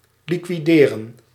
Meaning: 1. to liquidate, to settle (a debt) 2. to root out, to clear out 3. to take out, to liquidate, to assassinate
- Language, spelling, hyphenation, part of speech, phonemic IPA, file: Dutch, liquideren, li‧qui‧de‧ren, verb, /ˌli.kʋiˈdeː.rə(n)/, Nl-liquideren.ogg